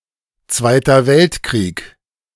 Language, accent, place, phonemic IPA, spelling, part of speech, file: German, Germany, Berlin, /ˈt͡svaɪ̯tɐ ˈvɛltkʁiːk/, Zweiter Weltkrieg, proper noun, De-Zweiter Weltkrieg.ogg
- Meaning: the Second World War, World War II